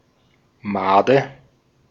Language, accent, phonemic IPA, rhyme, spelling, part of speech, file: German, Austria, /ˈmaːdə/, -aːdə, Made, noun, De-at-Made.ogg
- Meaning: maggot (soft, legless larva)